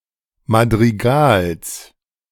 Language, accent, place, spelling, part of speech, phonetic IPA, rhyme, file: German, Germany, Berlin, Madrigals, noun, [madʁiˈɡaːls], -aːls, De-Madrigals.ogg
- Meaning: genitive of Madrigal